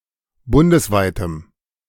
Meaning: strong dative masculine/neuter singular of bundesweit
- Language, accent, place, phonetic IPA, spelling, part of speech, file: German, Germany, Berlin, [ˈbʊndəsˌvaɪ̯təm], bundesweitem, adjective, De-bundesweitem.ogg